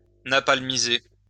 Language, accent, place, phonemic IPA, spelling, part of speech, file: French, France, Lyon, /na.pal.mi.ze/, napalmiser, verb, LL-Q150 (fra)-napalmiser.wav
- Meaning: to napalm